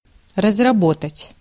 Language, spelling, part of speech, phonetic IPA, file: Russian, разработать, verb, [rəzrɐˈbotətʲ], Ru-разработать.ogg
- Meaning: 1. to work out, to elaborate, to develop, to design, to engineer, to devise 2. to exploit, to work up (mining) 3. to cultivate, to till 4. to exhaust, to use up